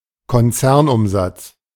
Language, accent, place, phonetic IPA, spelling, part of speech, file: German, Germany, Berlin, [kɔnˈt͡sɛʁnˌʔʊmzat͡s], Konzernumsatz, noun, De-Konzernumsatz.ogg
- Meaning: group sales